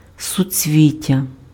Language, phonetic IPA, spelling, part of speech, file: Ukrainian, [sʊt͡sʲˈʋʲitʲːɐ], суцвіття, noun, Uk-суцвіття.ogg
- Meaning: inflorescence